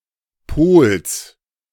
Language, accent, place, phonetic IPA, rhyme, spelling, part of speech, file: German, Germany, Berlin, [poːls], -oːls, Pols, noun, De-Pols.ogg
- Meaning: genitive singular of Pol